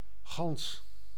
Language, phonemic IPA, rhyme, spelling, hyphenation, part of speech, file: Dutch, /ɣɑns/, -ɑns, gans, gans, noun / determiner / adverb, Nl-gans.ogg